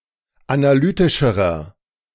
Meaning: inflection of analytisch: 1. strong/mixed nominative masculine singular comparative degree 2. strong genitive/dative feminine singular comparative degree 3. strong genitive plural comparative degree
- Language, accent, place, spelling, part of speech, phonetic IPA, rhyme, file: German, Germany, Berlin, analytischerer, adjective, [anaˈlyːtɪʃəʁɐ], -yːtɪʃəʁɐ, De-analytischerer.ogg